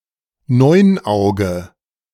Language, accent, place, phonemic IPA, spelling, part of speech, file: German, Germany, Berlin, /ˈnɔʏ̯nˌaʊ̯ɡə/, Neunauge, noun, De-Neunauge.ogg
- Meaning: lamprey; any of the species of the order Petromyzontiformes